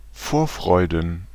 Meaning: plural of Vorfreude
- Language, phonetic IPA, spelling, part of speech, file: German, [ˈfoːɐ̯ˌfʁɔɪ̯dn̩], Vorfreuden, noun, De-Vorfreuden.ogg